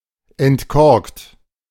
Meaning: 1. past participle of entkorken 2. inflection of entkorken: second-person plural present 3. inflection of entkorken: third-person singular present 4. inflection of entkorken: plural imperative
- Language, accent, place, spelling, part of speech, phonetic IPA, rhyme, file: German, Germany, Berlin, entkorkt, verb, [ɛntˈkɔʁkt], -ɔʁkt, De-entkorkt.ogg